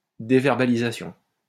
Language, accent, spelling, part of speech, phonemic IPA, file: French, France, déverbalisation, noun, /de.vɛʁ.ba.li.za.sjɔ̃/, LL-Q150 (fra)-déverbalisation.wav
- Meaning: deverbalization